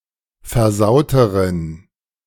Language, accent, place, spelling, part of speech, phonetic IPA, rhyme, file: German, Germany, Berlin, versauteren, adjective, [fɛɐ̯ˈzaʊ̯təʁən], -aʊ̯təʁən, De-versauteren.ogg
- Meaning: inflection of versaut: 1. strong genitive masculine/neuter singular comparative degree 2. weak/mixed genitive/dative all-gender singular comparative degree